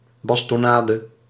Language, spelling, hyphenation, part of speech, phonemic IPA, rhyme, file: Dutch, bastonnade, bas‧ton‧na‧de, noun, /ˌbɑs.tɔˈnaː.də/, -aːdə, Nl-bastonnade.ogg
- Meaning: 1. caning, any beating with a stick 2. specifically, falaka (oriental beating of the soles of the feet)